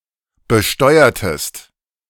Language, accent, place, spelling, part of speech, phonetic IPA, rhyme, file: German, Germany, Berlin, besteuertest, verb, [bəˈʃtɔɪ̯ɐtəst], -ɔɪ̯ɐtəst, De-besteuertest.ogg
- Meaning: inflection of besteuern: 1. second-person singular preterite 2. second-person singular subjunctive II